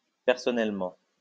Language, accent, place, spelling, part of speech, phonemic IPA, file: French, France, Lyon, personnellement, adverb, /pɛʁ.sɔ.nɛl.mɑ̃/, LL-Q150 (fra)-personnellement.wav
- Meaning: 1. personally 2. as far as I'm concerned